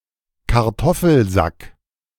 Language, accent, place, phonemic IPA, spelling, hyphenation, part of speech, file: German, Germany, Berlin, /karˈtɔfl̩zak/, Kartoffelsack, Kar‧tof‧fel‧sack, noun, De-Kartoffelsack.ogg
- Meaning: potato sack, potato bag